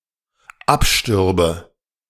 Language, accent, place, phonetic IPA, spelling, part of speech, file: German, Germany, Berlin, [ˈapˌʃtʏʁbə], abstürbe, verb, De-abstürbe.ogg
- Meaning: first/third-person singular dependent subjunctive II of absterben